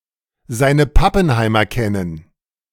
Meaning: to know who one's dealing with
- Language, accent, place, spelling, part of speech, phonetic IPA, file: German, Germany, Berlin, seine Pappenheimer kennen, verb, [ˈzaɪ̯nə ˈpapənˌhaɪ̯mɐ ˈkɛnən], De-seine Pappenheimer kennen.ogg